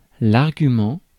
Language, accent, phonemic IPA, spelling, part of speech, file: French, France, /aʁ.ɡy.mɑ̃/, argument, noun, Fr-argument.ogg
- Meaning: 1. argument 2. argument of a verb, phrase syntactically connected to a verb (object and subject)